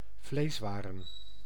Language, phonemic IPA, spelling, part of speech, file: Dutch, /ˈvleswarə(n)/, vleeswaren, noun, Nl-vleeswaren.ogg
- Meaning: plural of vleeswaar